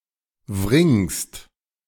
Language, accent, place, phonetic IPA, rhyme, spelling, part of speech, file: German, Germany, Berlin, [vʁɪŋst], -ɪŋst, wringst, verb, De-wringst.ogg
- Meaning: second-person singular present of wringen